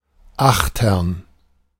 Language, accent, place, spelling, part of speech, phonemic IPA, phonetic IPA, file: German, Germany, Berlin, achtern, adverb, /ˈaxtɐn/, [ˈaχtɐn], De-achtern.ogg
- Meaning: abaft (in the back of the ship)